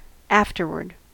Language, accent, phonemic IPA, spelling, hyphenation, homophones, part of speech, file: English, US, /ˈæf.tɚ.wɚd/, afterward, af‧ter‧ward, afterword, adverb, En-us-afterward.ogg
- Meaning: Alternative form of afterwards